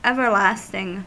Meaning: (adjective) Lasting or enduring forever; endless, eternal
- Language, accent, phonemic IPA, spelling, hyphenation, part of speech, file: English, General American, /ˌɛvəɹˈlæstɪŋ/, everlasting, ever‧last‧ing, adjective / adverb / noun, En-us-everlasting.ogg